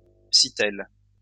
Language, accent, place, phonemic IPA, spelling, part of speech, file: French, France, Lyon, /si.tɛl/, sittelle, noun, LL-Q150 (fra)-sittelle.wav
- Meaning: nuthatch